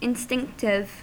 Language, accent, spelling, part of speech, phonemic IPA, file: English, US, instinctive, adjective, /ɪnˈstɪŋktɪv/, En-us-instinctive.ogg
- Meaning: 1. Related to or prompted by instinct 2. Driven by impulse, spontaneous and without thinking